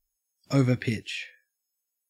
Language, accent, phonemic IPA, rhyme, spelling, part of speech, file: English, Australia, /ˌəʊ.və(ɹ)ˈpɪt͡ʃ/, -ɪtʃ, overpitch, verb, En-au-overpitch.ogg
- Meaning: 1. To give too high a pitch to 2. To bowl (the ball) so that it bounces closer to the batsman than a good length, allowing the batsman to hit it easily